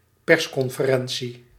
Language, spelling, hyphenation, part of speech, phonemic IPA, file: Dutch, persconferentie, pers‧con‧fe‧ren‧tie, noun, /ˈpɛrs.kɔn.fəˌrɛn.(t)si/, Nl-persconferentie.ogg
- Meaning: press conference